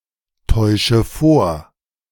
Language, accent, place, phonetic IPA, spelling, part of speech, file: German, Germany, Berlin, [ˌtɔɪ̯ʃə ˈfoːɐ̯], täusche vor, verb, De-täusche vor.ogg
- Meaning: inflection of vortäuschen: 1. first-person singular present 2. first/third-person singular subjunctive I 3. singular imperative